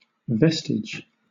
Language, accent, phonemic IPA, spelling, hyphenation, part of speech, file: English, Southern England, /ˈvɛs.tɪd͡ʒ/, vestige, ves‧tige, noun, LL-Q1860 (eng)-vestige.wav
- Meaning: 1. A mark left on the earth by a foot 2. A faint mark or visible sign left by something which is lost, or has perished, or is no longer present